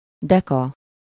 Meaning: decagram
- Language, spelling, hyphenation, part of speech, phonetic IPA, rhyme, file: Hungarian, deka, de‧ka, noun, [ˈdɛkɒ], -kɒ, Hu-deka.ogg